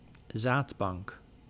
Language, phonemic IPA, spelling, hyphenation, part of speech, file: Dutch, /ˈzaːt.bɑŋk/, zaadbank, zaad‧bank, noun, Nl-zaadbank.ogg
- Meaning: 1. a sperm bank 2. a bank on the seabed with a high concentration of mussel larvae